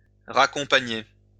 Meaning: to walk back, to take back, to drive back (to escort someone back to where they came from)
- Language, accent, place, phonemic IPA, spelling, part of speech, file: French, France, Lyon, /ʁa.kɔ̃.pa.ɲe/, raccompagner, verb, LL-Q150 (fra)-raccompagner.wav